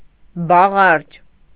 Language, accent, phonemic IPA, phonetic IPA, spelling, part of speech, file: Armenian, Eastern Armenian, /bɑˈʁɑɾd͡ʒ/, [bɑʁɑ́ɾd͡ʒ], բաղարջ, noun, Hy-բաղարջ.ogg
- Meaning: unleavened bread